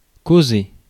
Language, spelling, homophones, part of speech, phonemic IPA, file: French, causer, causai / causé / causée / causées / causés / causez, verb, /ko.ze/, Fr-causer.ogg
- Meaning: 1. to cause (be the cause of) 2. to speak (a language) 3. to speak, talk, chat; to be waffling on about